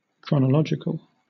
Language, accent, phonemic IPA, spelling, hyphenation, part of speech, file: English, Southern England, /ˌkɹɒnəˈlɒd͡ʒɪkəl/, chronological, chro‧no‧log‧i‧cal, adjective, LL-Q1860 (eng)-chronological.wav
- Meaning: 1. Relating to time, or units of time 2. In order of time from the earliest to the latest